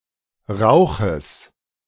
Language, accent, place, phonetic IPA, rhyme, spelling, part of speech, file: German, Germany, Berlin, [ˈʁaʊ̯xəs], -aʊ̯xəs, Rauches, noun, De-Rauches.ogg
- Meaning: genitive singular of Rauch